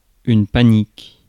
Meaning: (adjective) 1. pertaining to the god Pan 2. panicked 3. sudden, violent, and mostly baseless; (noun) panic; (verb) inflection of paniquer: first/third-person singular present indicative/subjunctive
- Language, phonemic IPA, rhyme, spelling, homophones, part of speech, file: French, /pa.nik/, -ik, panique, panic / paniquent / paniques, adjective / noun / verb, Fr-panique.ogg